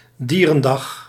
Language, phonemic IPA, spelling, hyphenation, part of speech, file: Dutch, /ˈdiː.rə(n)ˌdɑx/, dierendag, die‧ren‧dag, noun, Nl-dierendag.ogg
- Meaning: animal day (World Animal Day, celebrated on 4 October)